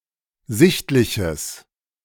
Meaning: strong/mixed nominative/accusative neuter singular of sichtlich
- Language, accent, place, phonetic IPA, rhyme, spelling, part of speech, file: German, Germany, Berlin, [ˈzɪçtlɪçəs], -ɪçtlɪçəs, sichtliches, adjective, De-sichtliches.ogg